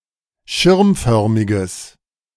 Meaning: strong/mixed nominative/accusative neuter singular of schirmförmig
- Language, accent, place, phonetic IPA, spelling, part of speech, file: German, Germany, Berlin, [ˈʃɪʁmˌfœʁmɪɡəs], schirmförmiges, adjective, De-schirmförmiges.ogg